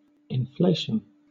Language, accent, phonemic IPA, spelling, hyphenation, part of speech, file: English, Southern England, /ɪnˈfleɪ.ʃn̩/, inflation, in‧fla‧tion, noun, LL-Q1860 (eng)-inflation.wav
- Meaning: An act, instance of, or state of expansion or increase in size, especially by injection of a gas or liquid